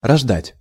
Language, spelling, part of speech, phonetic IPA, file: Russian, рождать, verb, [rɐʐˈdatʲ], Ru-рождать.ogg
- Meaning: 1. to give birth 2. to give rise to 3. to bear, to yield (of land)